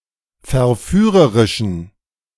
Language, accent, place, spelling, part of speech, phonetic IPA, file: German, Germany, Berlin, verführerischen, adjective, [fɛɐ̯ˈfyːʁəʁɪʃn̩], De-verführerischen.ogg
- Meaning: inflection of verführerisch: 1. strong genitive masculine/neuter singular 2. weak/mixed genitive/dative all-gender singular 3. strong/weak/mixed accusative masculine singular 4. strong dative plural